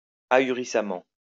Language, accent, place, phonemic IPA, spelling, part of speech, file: French, France, Lyon, /a.y.ʁi.sa.mɑ̃/, ahurissamment, adverb, LL-Q150 (fra)-ahurissamment.wav
- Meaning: astoundingly, dumbfoundingly